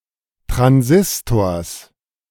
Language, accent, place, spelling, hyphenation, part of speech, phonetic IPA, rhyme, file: German, Germany, Berlin, Transistors, Tran‧sis‧tors, noun, [tʁanˈzɪstoːɐ̯s], -ɪstoːɐ̯s, De-Transistors.ogg
- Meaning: genitive singular of Transistor